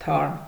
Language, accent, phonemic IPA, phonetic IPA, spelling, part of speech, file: Armenian, Eastern Armenian, /tʰɑɾm/, [tʰɑɾm], թարմ, adjective, Hy-թարմ.ogg
- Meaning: fresh